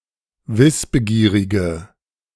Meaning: inflection of wissbegierig: 1. strong/mixed nominative/accusative feminine singular 2. strong nominative/accusative plural 3. weak nominative all-gender singular
- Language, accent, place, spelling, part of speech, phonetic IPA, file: German, Germany, Berlin, wissbegierige, adjective, [ˈvɪsbəˌɡiːʁɪɡə], De-wissbegierige.ogg